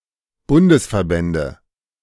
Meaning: nominative/accusative/genitive plural of Bundesverband
- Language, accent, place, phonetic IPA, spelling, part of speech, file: German, Germany, Berlin, [ˈbʊndəsfɛɐ̯ˌbɛndə], Bundesverbände, noun, De-Bundesverbände.ogg